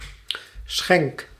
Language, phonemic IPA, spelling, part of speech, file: Dutch, /sxɛŋk/, schenk, verb, Nl-schenk.ogg
- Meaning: inflection of schenken: 1. first-person singular present indicative 2. second-person singular present indicative 3. imperative